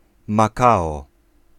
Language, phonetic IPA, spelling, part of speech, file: Polish, [maˈkaɔ], makao, noun, Pl-makao.ogg